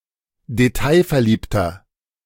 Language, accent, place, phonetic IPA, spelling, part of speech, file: German, Germany, Berlin, [deˈtaɪ̯fɛɐ̯ˌliːptɐ], detailverliebter, adjective, De-detailverliebter.ogg
- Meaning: inflection of detailverliebt: 1. strong/mixed nominative masculine singular 2. strong genitive/dative feminine singular 3. strong genitive plural